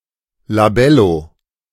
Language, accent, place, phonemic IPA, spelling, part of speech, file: German, Germany, Berlin, /laˈbɛlo/, Labello, noun, De-Labello.ogg
- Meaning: 1. lip balm; chapstick (a plastic stick including a substance that is applied to the lips to relieve dry lips) 2. lip balm; chapstick (such a substance)